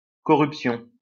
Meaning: 1. corruption (act of corrupting) 2. corruption (state of being corrupt) 3. corruption (putrefaction) 4. corruption (bribing)
- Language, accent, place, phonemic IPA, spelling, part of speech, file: French, France, Lyon, /kɔ.ʁyp.sjɔ̃/, corruption, noun, LL-Q150 (fra)-corruption.wav